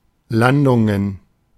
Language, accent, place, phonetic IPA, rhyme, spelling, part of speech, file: German, Germany, Berlin, [ˈlandʊŋən], -andʊŋən, Landungen, noun, De-Landungen.ogg
- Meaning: plural of Landung